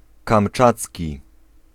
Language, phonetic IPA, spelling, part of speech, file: Polish, [kãmˈt͡ʃat͡sʲci], kamczacki, adjective, Pl-kamczacki.ogg